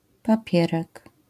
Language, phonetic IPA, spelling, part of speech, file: Polish, [paˈpʲjɛrɛk], papierek, noun, LL-Q809 (pol)-papierek.wav